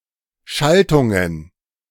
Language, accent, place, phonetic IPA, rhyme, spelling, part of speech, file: German, Germany, Berlin, [ˈʃaltʊŋən], -altʊŋən, Schaltungen, noun, De-Schaltungen.ogg
- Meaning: plural of Schaltung